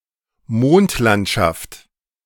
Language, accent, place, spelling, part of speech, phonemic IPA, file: German, Germany, Berlin, Mondlandschaft, noun, /ˈmoːntlantʃaft/, De-Mondlandschaft.ogg
- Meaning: moonscape